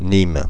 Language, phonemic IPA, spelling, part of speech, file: French, /nim/, Nîmes, proper noun, Fr-Nîmes.ogg
- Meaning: Nîmes (a city in Gard department, Occitania, France)